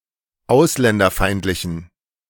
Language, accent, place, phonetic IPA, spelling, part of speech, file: German, Germany, Berlin, [ˈaʊ̯slɛndɐˌfaɪ̯ntlɪçn̩], ausländerfeindlichen, adjective, De-ausländerfeindlichen.ogg
- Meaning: inflection of ausländerfeindlich: 1. strong genitive masculine/neuter singular 2. weak/mixed genitive/dative all-gender singular 3. strong/weak/mixed accusative masculine singular